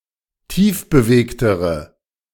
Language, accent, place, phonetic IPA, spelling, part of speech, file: German, Germany, Berlin, [ˈtiːfbəˌveːktəʁə], tiefbewegtere, adjective, De-tiefbewegtere.ogg
- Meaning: inflection of tiefbewegt: 1. strong/mixed nominative/accusative feminine singular comparative degree 2. strong nominative/accusative plural comparative degree